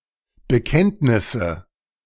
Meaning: nominative/accusative/genitive plural of Bekenntnis
- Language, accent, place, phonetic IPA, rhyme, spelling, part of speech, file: German, Germany, Berlin, [bəˈkɛntnɪsə], -ɛntnɪsə, Bekenntnisse, noun, De-Bekenntnisse.ogg